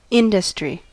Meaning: 1. The tendency to work persistently 2. Businesses of the same type, considered as a whole; trade 3. Businesses that produce goods as opposed to services
- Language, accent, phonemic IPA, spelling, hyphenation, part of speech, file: English, US, /ˈɪn.də.stɹi/, industry, in‧dus‧try, noun, En-us-industry.ogg